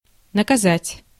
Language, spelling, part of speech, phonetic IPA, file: Russian, наказать, verb, [nəkɐˈzatʲ], Ru-наказать.ogg
- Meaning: 1. to punish 2. to bid, to order